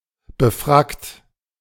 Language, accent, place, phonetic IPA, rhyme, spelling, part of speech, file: German, Germany, Berlin, [bəˈfʁakt], -akt, befrackt, adjective, De-befrackt.ogg
- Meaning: tailcoated